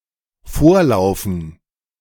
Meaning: to run on ahead
- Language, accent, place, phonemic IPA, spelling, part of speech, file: German, Germany, Berlin, /ˈfoːɐ̯laʊ̯fən/, vorlaufen, verb, De-vorlaufen.ogg